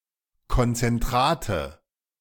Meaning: nominative/accusative/genitive plural of Konzentrat
- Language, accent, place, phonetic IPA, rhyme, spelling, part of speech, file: German, Germany, Berlin, [kɔnt͡sɛnˈtʁaːtə], -aːtə, Konzentrate, noun, De-Konzentrate.ogg